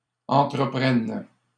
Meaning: third-person plural present indicative/subjunctive of entreprendre
- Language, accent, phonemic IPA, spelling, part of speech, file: French, Canada, /ɑ̃.tʁə.pʁɛn/, entreprennent, verb, LL-Q150 (fra)-entreprennent.wav